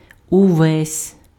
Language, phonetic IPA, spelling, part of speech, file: Ukrainian, [ʊˈʋɛsʲ], увесь, pronoun, Uk-увесь.ogg
- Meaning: 1. alternative form of весь (vesʹ, “all, the whole”) (after consonants or at the beginning of a clause) 2. Emphatic form of весь (vesʹ)